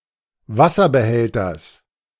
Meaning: genitive singular of Wasserbehälter
- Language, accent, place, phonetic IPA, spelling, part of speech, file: German, Germany, Berlin, [ˈvasɐbəˌhɛltɐs], Wasserbehälters, noun, De-Wasserbehälters.ogg